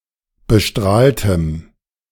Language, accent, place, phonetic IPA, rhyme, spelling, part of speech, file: German, Germany, Berlin, [bəˈʃtʁaːltəm], -aːltəm, bestrahltem, adjective, De-bestrahltem.ogg
- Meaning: strong dative masculine/neuter singular of bestrahlt